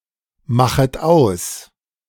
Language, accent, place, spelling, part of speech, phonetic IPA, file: German, Germany, Berlin, machet aus, verb, [ˌmaxət ˈaʊ̯s], De-machet aus.ogg
- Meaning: second-person plural subjunctive I of ausmachen